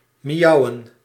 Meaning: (verb) to meow, make a feline's gentle, yet shrill type of cry; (noun) plural of miauw
- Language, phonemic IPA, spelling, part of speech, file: Dutch, /miˈjɑuwə(n)/, miauwen, verb, Nl-miauwen.ogg